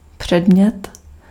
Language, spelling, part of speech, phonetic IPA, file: Czech, předmět, noun, [ˈpr̝̊ɛdm̩ɲɛt], Cs-předmět.ogg
- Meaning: 1. object (thing) 2. object (noun phrase which is an internal complement of a verb phrase or a prepositional phrase) 3. subject (area of study) 4. subject (of a mail)